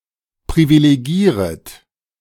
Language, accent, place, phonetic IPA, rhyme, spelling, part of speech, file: German, Germany, Berlin, [pʁivileˈɡiːʁət], -iːʁət, privilegieret, verb, De-privilegieret.ogg
- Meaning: second-person plural subjunctive I of privilegieren